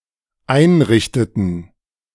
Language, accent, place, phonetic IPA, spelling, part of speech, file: German, Germany, Berlin, [ˈaɪ̯nˌʁɪçtətn̩], einrichteten, verb, De-einrichteten.ogg
- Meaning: inflection of einrichten: 1. first/third-person plural dependent preterite 2. first/third-person plural dependent subjunctive II